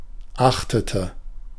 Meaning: inflection of achten: 1. first/third-person singular preterite 2. first/third-person singular subjunctive II
- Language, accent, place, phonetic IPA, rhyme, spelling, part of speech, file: German, Germany, Berlin, [ˈaxtətə], -axtətə, achtete, verb, De-achtete.ogg